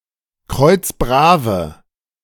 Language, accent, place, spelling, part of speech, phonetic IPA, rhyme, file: German, Germany, Berlin, kreuzbrave, adjective, [ˈkʁɔɪ̯t͡sˈbʁaːvə], -aːvə, De-kreuzbrave.ogg
- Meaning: inflection of kreuzbrav: 1. strong/mixed nominative/accusative feminine singular 2. strong nominative/accusative plural 3. weak nominative all-gender singular